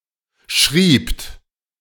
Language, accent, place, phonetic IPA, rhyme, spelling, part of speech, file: German, Germany, Berlin, [ʃʁiːpt], -iːpt, schriebt, verb, De-schriebt.ogg
- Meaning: second-person plural preterite of schreiben